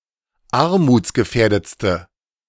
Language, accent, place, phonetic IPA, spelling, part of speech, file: German, Germany, Berlin, [ˈaʁmuːt͡sɡəˌfɛːɐ̯dət͡stə], armutsgefährdetste, adjective, De-armutsgefährdetste.ogg
- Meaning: inflection of armutsgefährdet: 1. strong/mixed nominative/accusative feminine singular superlative degree 2. strong nominative/accusative plural superlative degree